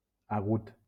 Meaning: 1. sharp 2. acute 3. oxytone, stressed on the final syllable
- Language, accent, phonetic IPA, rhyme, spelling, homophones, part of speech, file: Catalan, Valencia, [aˈɣut], -ut, agut, hagut, adjective, LL-Q7026 (cat)-agut.wav